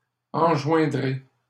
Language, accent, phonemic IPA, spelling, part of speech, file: French, Canada, /ɑ̃.ʒwɛ̃.dʁe/, enjoindrez, verb, LL-Q150 (fra)-enjoindrez.wav
- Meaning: second-person plural future of enjoindre